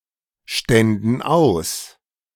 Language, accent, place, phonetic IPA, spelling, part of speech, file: German, Germany, Berlin, [ˌʃtɛndn̩ ˈaʊ̯s], ständen aus, verb, De-ständen aus.ogg
- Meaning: first/third-person plural subjunctive II of ausstehen